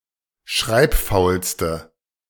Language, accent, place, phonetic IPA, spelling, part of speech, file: German, Germany, Berlin, [ˈʃʁaɪ̯pˌfaʊ̯lstə], schreibfaulste, adjective, De-schreibfaulste.ogg
- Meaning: inflection of schreibfaul: 1. strong/mixed nominative/accusative feminine singular superlative degree 2. strong nominative/accusative plural superlative degree